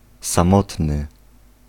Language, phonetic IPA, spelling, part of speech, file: Polish, [sãˈmɔtnɨ], samotny, adjective, Pl-samotny.ogg